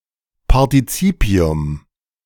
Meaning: alternative form of Partizip
- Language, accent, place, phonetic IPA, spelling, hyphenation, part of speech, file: German, Germany, Berlin, [partɪˈt͡sipɪʊm], Partizipium, Par‧ti‧zi‧pi‧um, noun, De-Partizipium.ogg